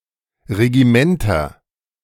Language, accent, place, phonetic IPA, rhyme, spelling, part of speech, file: German, Germany, Berlin, [ʁeɡiˈmɛntɐ], -ɛntɐ, Regimenter, noun, De-Regimenter.ogg
- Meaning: nominative/accusative/genitive plural of Regiment